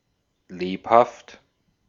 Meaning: 1. lively, active, buoyant or agile 2. brisk 3. allegro
- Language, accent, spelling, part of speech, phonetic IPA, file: German, Austria, lebhaft, adjective, [ˈleːphaft], De-at-lebhaft.ogg